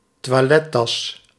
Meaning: a toilet bag (a bag used to store essential toiletries when travelling)
- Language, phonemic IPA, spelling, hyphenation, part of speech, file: Dutch, /twɑˈlɛtɑs/, toilettas, toi‧let‧tas, noun, Nl-toilettas.ogg